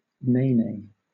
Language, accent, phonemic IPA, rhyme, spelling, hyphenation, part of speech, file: English, Southern England, /ˈneɪneɪ/, -eɪneɪ, nene, ne‧ne, noun, LL-Q1860 (eng)-nene.wav
- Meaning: The Hawaiian goose, Branta sandvicensis, which was designated the state bird of Hawaii in 1957